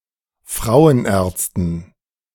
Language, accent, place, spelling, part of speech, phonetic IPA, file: German, Germany, Berlin, Frauenärzten, noun, [ˈfʁaʊ̯ənˌʔɛːɐ̯t͡stn̩], De-Frauenärzten.ogg
- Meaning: dative plural of Frauenarzt